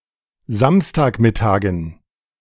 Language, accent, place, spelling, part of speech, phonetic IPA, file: German, Germany, Berlin, Samstagmittagen, noun, [ˈzamstaːkˌmɪtaːɡn̩], De-Samstagmittagen.ogg
- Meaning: dative plural of Samstagmittag